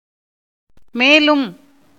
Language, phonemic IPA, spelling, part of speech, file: Tamil, /meːlʊm/, மேலும், adverb, Ta-மேலும்.ogg
- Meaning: further, moreover, besides, also, in addition